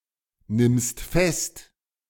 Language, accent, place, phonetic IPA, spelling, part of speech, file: German, Germany, Berlin, [ˌnɪmst ˈfɛst], nimmst fest, verb, De-nimmst fest.ogg
- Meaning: second-person singular present of festnehmen